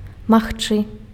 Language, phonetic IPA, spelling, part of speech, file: Belarusian, [maxˈt͡ʂɨ], магчы, verb, Be-магчы.ogg
- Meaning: can, to be able to